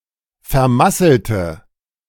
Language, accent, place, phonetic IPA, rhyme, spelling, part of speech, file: German, Germany, Berlin, [fɛɐ̯ˈmasl̩tə], -asl̩tə, vermasselte, adjective / verb, De-vermasselte.ogg
- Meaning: inflection of vermasseln: 1. first/third-person singular preterite 2. first/third-person singular subjunctive II